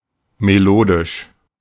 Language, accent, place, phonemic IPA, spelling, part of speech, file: German, Germany, Berlin, /meˈloːdɪʃ/, melodisch, adjective, De-melodisch.ogg
- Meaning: 1. melodious, tuneful (having a pleasant melody or sound) 2. melodic (of, relating to, or having a melody)